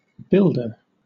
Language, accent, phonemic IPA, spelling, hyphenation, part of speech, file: English, Southern England, /ˈbɪl.də/, builder, build‧er, noun, LL-Q1860 (eng)-builder.wav
- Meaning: 1. One who builds or constructs things 2. Master artisan, who receives his instructions from the architect, and employs workers